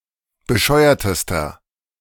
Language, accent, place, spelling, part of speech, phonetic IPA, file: German, Germany, Berlin, bescheuertester, adjective, [bəˈʃɔɪ̯ɐtəstɐ], De-bescheuertester.ogg
- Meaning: inflection of bescheuert: 1. strong/mixed nominative masculine singular superlative degree 2. strong genitive/dative feminine singular superlative degree 3. strong genitive plural superlative degree